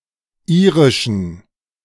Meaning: inflection of irisch: 1. strong genitive masculine/neuter singular 2. weak/mixed genitive/dative all-gender singular 3. strong/weak/mixed accusative masculine singular 4. strong dative plural
- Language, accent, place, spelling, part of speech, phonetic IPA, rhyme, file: German, Germany, Berlin, irischen, adjective, [ˈiːʁɪʃn̩], -iːʁɪʃn̩, De-irischen.ogg